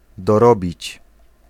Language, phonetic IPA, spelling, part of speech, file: Polish, [dɔˈrɔbʲit͡ɕ], dorobić, verb, Pl-dorobić.ogg